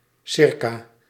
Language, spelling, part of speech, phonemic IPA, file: Dutch, ca., adverb / preposition, /ˈsɪrka/, Nl-ca..ogg
- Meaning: abbreviation of circa